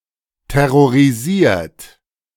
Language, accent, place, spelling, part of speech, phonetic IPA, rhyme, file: German, Germany, Berlin, terrorisiert, verb, [tɛʁoʁiˈziːɐ̯t], -iːɐ̯t, De-terrorisiert.ogg
- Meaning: 1. past participle of terrorisieren 2. inflection of terrorisieren: third-person singular present 3. inflection of terrorisieren: second-person plural present